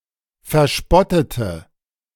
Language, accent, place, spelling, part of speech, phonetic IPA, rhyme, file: German, Germany, Berlin, verspottete, adjective / verb, [fɛɐ̯ˈʃpɔtətə], -ɔtətə, De-verspottete.ogg
- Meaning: inflection of verspotten: 1. first/third-person singular preterite 2. first/third-person singular subjunctive II